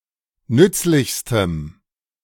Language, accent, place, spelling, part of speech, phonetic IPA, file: German, Germany, Berlin, nützlichstem, adjective, [ˈnʏt͡slɪçstəm], De-nützlichstem.ogg
- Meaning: strong dative masculine/neuter singular superlative degree of nützlich